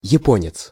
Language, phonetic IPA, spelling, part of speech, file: Russian, [(j)ɪˈponʲɪt͡s], японец, noun, Ru-японец.ogg
- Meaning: male Japanese person